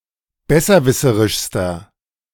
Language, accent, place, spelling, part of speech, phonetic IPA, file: German, Germany, Berlin, besserwisserischster, adjective, [ˈbɛsɐˌvɪsəʁɪʃstɐ], De-besserwisserischster.ogg
- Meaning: inflection of besserwisserisch: 1. strong/mixed nominative masculine singular superlative degree 2. strong genitive/dative feminine singular superlative degree